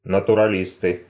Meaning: nominative plural of натурали́ст (naturalíst)
- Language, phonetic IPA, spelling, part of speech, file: Russian, [nətʊrɐˈlʲistɨ], натуралисты, noun, Ru-натуралисты.ogg